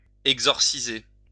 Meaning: to exorcise
- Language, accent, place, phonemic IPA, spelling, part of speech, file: French, France, Lyon, /ɛɡ.zɔʁ.si.ze/, exorciser, verb, LL-Q150 (fra)-exorciser.wav